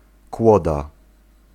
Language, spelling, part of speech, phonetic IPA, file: Polish, kłoda, noun, [ˈkwɔda], Pl-kłoda.ogg